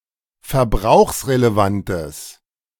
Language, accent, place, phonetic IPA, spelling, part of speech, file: German, Germany, Berlin, [fɛɐ̯ˈbʁaʊ̯xsʁeleˌvantəs], verbrauchsrelevantes, adjective, De-verbrauchsrelevantes.ogg
- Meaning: strong/mixed nominative/accusative neuter singular of verbrauchsrelevant